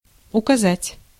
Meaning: 1. to show, to indicate 2. to point 3. to give instructions, to explain
- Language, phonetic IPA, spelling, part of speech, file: Russian, [ʊkɐˈzatʲ], указать, verb, Ru-указать.ogg